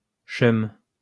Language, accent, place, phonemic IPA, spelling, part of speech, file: French, France, Lyon, /ʃœm/, cheum, adjective, LL-Q150 (fra)-cheum.wav
- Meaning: ugly